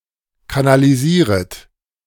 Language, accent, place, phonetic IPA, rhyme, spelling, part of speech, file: German, Germany, Berlin, [kanaliˈziːʁət], -iːʁət, kanalisieret, verb, De-kanalisieret.ogg
- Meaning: second-person plural subjunctive I of kanalisieren